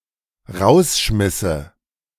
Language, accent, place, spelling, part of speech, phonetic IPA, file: German, Germany, Berlin, rausschmisse, verb, [ˈʁaʊ̯sˌʃmɪsə], De-rausschmisse.ogg
- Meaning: first/third-person singular dependent subjunctive II of rausschmeißen